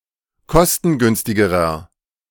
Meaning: inflection of kostengünstig: 1. strong/mixed nominative masculine singular comparative degree 2. strong genitive/dative feminine singular comparative degree
- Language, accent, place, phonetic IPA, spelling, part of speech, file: German, Germany, Berlin, [ˈkɔstn̩ˌɡʏnstɪɡəʁɐ], kostengünstigerer, adjective, De-kostengünstigerer.ogg